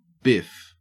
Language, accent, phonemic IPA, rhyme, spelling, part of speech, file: English, Australia, /bɪf/, -ɪf, biff, noun / verb / interjection, En-au-biff.ogg
- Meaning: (noun) 1. A sudden, sharp blow or punch 2. A wipeout; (verb) 1. To punch or hit 2. To discard; to throw out; to throw away 3. To wipe out; to faceplant; to fall 4. To mess up 5. To move quickly